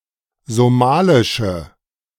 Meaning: inflection of somalisch: 1. strong/mixed nominative/accusative feminine singular 2. strong nominative/accusative plural 3. weak nominative all-gender singular
- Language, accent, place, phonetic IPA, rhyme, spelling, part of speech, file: German, Germany, Berlin, [zoˈmaːlɪʃə], -aːlɪʃə, somalische, adjective, De-somalische.ogg